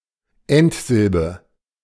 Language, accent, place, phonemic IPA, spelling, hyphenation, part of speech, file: German, Germany, Berlin, /ˈɛntˌzɪlbə/, Endsilbe, End‧sil‧be, noun, De-Endsilbe.ogg
- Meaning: ultima